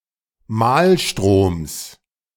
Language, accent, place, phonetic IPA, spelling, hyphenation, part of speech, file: German, Germany, Berlin, [ˈmaːlˌʃtʁoːms], Mahlstroms, Mahl‧stroms, noun, De-Mahlstroms.ogg
- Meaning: genitive singular of Mahlstrom